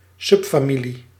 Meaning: synonym of onderfamilie
- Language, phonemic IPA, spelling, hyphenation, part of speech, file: Dutch, /ˈsʏp.faːˌmi.li/, subfamilie, sub‧fa‧mi‧lie, noun, Nl-subfamilie.ogg